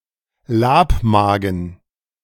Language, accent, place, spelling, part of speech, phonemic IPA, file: German, Germany, Berlin, Labmagen, noun, /ˈlaːpˌmaːɡən/, De-Labmagen.ogg
- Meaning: abomasum, rennet stomach, the fourth compartment of the stomach of a ruminant